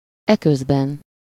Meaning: meanwhile
- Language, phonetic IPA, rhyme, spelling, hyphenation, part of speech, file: Hungarian, [ˈɛkøzbɛn], -ɛn, eközben, e‧köz‧ben, adverb, Hu-eközben.ogg